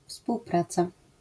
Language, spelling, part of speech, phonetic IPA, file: Polish, współpraca, noun, [fspuwˈprat͡sa], LL-Q809 (pol)-współpraca.wav